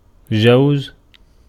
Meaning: 1. to allow, permit 2. to cause to travel over, pass through, perform 3. to carry through one's views 4. to water 5. to give in marriage, to marry
- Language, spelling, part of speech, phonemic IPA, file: Arabic, جوز, verb, /d͡ʒaw.wa.za/, Ar-جوز.ogg